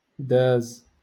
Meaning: to pass, pass by
- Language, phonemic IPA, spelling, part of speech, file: Moroccan Arabic, /daːz/, داز, verb, LL-Q56426 (ary)-داز.wav